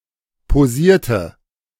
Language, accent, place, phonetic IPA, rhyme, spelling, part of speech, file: German, Germany, Berlin, [poˈziːɐ̯tə], -iːɐ̯tə, posierte, verb, De-posierte.ogg
- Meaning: inflection of posieren: 1. first/third-person singular preterite 2. first/third-person singular subjunctive II